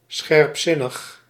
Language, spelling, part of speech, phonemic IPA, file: Dutch, scherpzinnig, adjective, /ˌsxɛᵊpˈsɪnəx/, Nl-scherpzinnig.ogg
- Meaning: perspicacious, astute